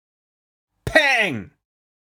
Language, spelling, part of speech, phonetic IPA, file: German, peng, interjection, [pɛŋ], De-peng.ogg
- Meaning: bang (a verbal emulation of a sudden percussive sound)